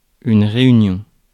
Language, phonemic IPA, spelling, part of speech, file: French, /ʁe.y.njɔ̃/, réunion, noun, Fr-réunion.ogg
- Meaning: 1. meeting 2. set union